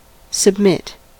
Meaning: 1. To yield or give way to another 2. To yield (something) to another, as when defeated 3. To enter or put forward for approval, consideration, marking etc 4. To subject; to put through a process
- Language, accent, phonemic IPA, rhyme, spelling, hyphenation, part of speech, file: English, US, /səbˈmɪt/, -ɪt, submit, sub‧mit, verb, En-us-submit.ogg